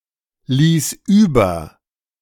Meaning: first/third-person singular preterite of überlassen
- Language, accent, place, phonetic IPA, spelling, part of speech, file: German, Germany, Berlin, [ˌliːs ˈyːbɐ], ließ über, verb, De-ließ über.ogg